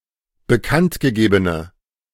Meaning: inflection of bekanntgegeben: 1. strong/mixed nominative/accusative feminine singular 2. strong nominative/accusative plural 3. weak nominative all-gender singular
- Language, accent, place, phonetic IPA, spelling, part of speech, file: German, Germany, Berlin, [bəˈkantɡəˌɡeːbənə], bekanntgegebene, adjective, De-bekanntgegebene.ogg